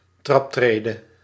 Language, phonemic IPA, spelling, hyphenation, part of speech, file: Dutch, /ˈtrɑpˌtreː.də/, traptrede, trap‧tre‧de, noun, Nl-traptrede.ogg
- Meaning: alternative form of traptree